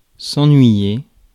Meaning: 1. to afflict with boredom; to bore 2. to be bored 3. to miss something or someone 4. to annoy, bother, trouble 5. to worry
- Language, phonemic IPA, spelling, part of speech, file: French, /ɑ̃.nɥi.je/, ennuyer, verb, Fr-ennuyer.ogg